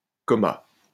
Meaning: coma (state of unconsciousness)
- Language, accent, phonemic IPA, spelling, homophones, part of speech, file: French, France, /kɔ.ma/, coma, comas, noun, LL-Q150 (fra)-coma.wav